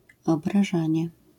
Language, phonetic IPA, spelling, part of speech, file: Polish, [ˌɔbraˈʒãɲɛ], obrażanie, noun, LL-Q809 (pol)-obrażanie.wav